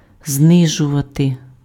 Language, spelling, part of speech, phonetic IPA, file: Ukrainian, знижувати, verb, [ˈznɪʒʊʋɐte], Uk-знижувати.ogg
- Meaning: 1. to lower, to bring down 2. to reduce, to decrease, to cut